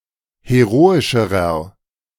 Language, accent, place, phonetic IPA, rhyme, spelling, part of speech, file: German, Germany, Berlin, [heˈʁoːɪʃəʁɐ], -oːɪʃəʁɐ, heroischerer, adjective, De-heroischerer.ogg
- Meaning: inflection of heroisch: 1. strong/mixed nominative masculine singular comparative degree 2. strong genitive/dative feminine singular comparative degree 3. strong genitive plural comparative degree